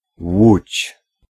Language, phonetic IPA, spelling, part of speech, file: Polish, [wut͡ɕ], łódź, noun, Pl-łódź.ogg